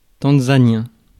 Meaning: of Tanzania; Tanzanian
- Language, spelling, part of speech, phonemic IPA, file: French, tanzanien, adjective, /tɑ̃.za.njɛ̃/, Fr-tanzanien.ogg